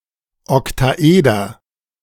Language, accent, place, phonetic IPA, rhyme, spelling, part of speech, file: German, Germany, Berlin, [ɔktaˈʔeːdɐ], -eːdɐ, Oktaeder, noun, De-Oktaeder.ogg
- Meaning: octahedron